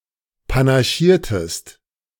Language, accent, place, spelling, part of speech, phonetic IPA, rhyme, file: German, Germany, Berlin, panaschiertest, verb, [panaˈʃiːɐ̯təst], -iːɐ̯təst, De-panaschiertest.ogg
- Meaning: inflection of panaschieren: 1. second-person singular preterite 2. second-person singular subjunctive II